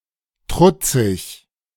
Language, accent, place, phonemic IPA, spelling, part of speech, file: German, Germany, Berlin, /ˈtʁʊ t͡sɪç/, trutzig, adjective, De-trutzig.ogg
- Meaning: defiant